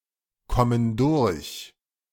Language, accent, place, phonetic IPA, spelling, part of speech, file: German, Germany, Berlin, [ˌkɔmən ˈdʊʁç], kommen durch, verb, De-kommen durch.ogg
- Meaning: inflection of durchkommen: 1. first/third-person plural present 2. first/third-person plural subjunctive I